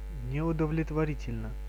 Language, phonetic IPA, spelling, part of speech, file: Russian, [nʲɪʊdəvlʲɪtvɐˈrʲitʲɪlʲnə], неудовлетворительно, adverb / adjective, Ru-неудовлетворительно.ogg
- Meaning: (adverb) unsatisfactorily; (adjective) short neuter singular of неудовлетвори́тельный (neudovletvorítelʹnyj)